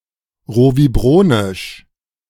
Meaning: rovibronic
- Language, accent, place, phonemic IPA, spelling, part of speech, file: German, Germany, Berlin, /ˌʁoviˈbʁoːnɪʃ/, rovibronisch, adjective, De-rovibronisch.ogg